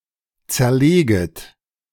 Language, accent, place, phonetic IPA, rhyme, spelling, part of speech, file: German, Germany, Berlin, [ˌt͡sɛɐ̯ˈleːɡət], -eːɡət, zerleget, verb, De-zerleget.ogg
- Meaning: second-person plural subjunctive I of zerlegen